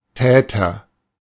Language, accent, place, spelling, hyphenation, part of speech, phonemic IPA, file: German, Germany, Berlin, Täter, Tä‧ter, noun, /ˈtɛːtər/, De-Täter.ogg
- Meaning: 1. perpetrator, delinquent 2. doer, one who does